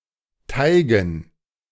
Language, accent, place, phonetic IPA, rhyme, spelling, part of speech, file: German, Germany, Berlin, [ˈtaɪ̯ɡn̩], -aɪ̯ɡn̩, Teigen, noun, De-Teigen.ogg
- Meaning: dative plural of Teig